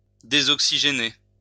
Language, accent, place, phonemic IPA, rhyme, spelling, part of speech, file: French, France, Lyon, /de.zɔk.si.ʒe.ne/, -e, désoxygéner, verb, LL-Q150 (fra)-désoxygéner.wav
- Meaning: to deoxidise, to deoxygenate